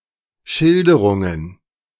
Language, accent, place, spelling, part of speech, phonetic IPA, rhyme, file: German, Germany, Berlin, Schilderungen, noun, [ˈʃɪldəʁʊŋən], -ɪldəʁʊŋən, De-Schilderungen.ogg
- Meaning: plural of Schilderung